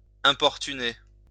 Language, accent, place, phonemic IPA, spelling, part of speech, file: French, France, Lyon, /ɛ̃.pɔʁ.ty.ne/, importuner, verb, LL-Q150 (fra)-importuner.wav
- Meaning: to importune, to annoy